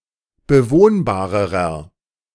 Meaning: inflection of bewohnbar: 1. strong/mixed nominative masculine singular comparative degree 2. strong genitive/dative feminine singular comparative degree 3. strong genitive plural comparative degree
- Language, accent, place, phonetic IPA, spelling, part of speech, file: German, Germany, Berlin, [bəˈvoːnbaːʁəʁɐ], bewohnbarerer, adjective, De-bewohnbarerer.ogg